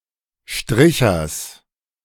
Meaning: genitive singular of Stricher
- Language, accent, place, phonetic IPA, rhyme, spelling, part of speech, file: German, Germany, Berlin, [ˈʃtʁɪçɐs], -ɪçɐs, Strichers, noun, De-Strichers.ogg